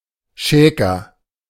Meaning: 1. joker 2. flirter
- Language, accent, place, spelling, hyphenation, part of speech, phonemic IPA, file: German, Germany, Berlin, Schäker, Schä‧ker, noun, /ˈʃɛːkɐ/, De-Schäker.ogg